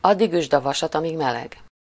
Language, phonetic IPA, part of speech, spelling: Hungarian, [ˈɒdːiɡ ˌyʒd ɒ ˈvɒʃɒt ˌɒmiːɡ ˈmɛlɛɡ], proverb, addig üsd a vasat, amíg meleg
- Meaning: strike while the iron is hot, make hay while the sun shines